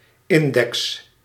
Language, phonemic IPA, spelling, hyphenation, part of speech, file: Dutch, /ˈɪn.dɛks/, index, in‧dex, noun, Nl-index.ogg
- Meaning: 1. index (list) 2. index (number or coefficient representing various relations) 3. index finger